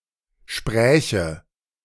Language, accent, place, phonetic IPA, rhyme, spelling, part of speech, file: German, Germany, Berlin, [ˈʃpʁɛːçə], -ɛːçə, spräche, verb, De-spräche.ogg
- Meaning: first/third-person singular subjunctive II of sprechen